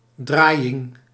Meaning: 1. rotation 2. any one scramble of a Rubik's cube
- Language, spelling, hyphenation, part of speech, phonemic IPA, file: Dutch, draaiing, draai‧ing, noun, /ˈdraːi̯.ɪŋ/, Nl-draaiing.ogg